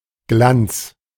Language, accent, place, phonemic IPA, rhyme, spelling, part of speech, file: German, Germany, Berlin, /ɡlants/, -ants, Glanz, noun, De-Glanz.ogg
- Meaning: 1. gleam, sparkle, glitter 2. splendor, glory